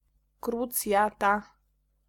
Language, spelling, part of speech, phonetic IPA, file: Polish, krucjata, noun, [kruˈt͡sʲjata], Pl-krucjata.ogg